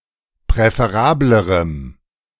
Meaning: strong dative masculine/neuter singular comparative degree of präferabel
- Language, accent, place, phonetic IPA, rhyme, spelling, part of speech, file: German, Germany, Berlin, [pʁɛfeˈʁaːbləʁəm], -aːbləʁəm, präferablerem, adjective, De-präferablerem.ogg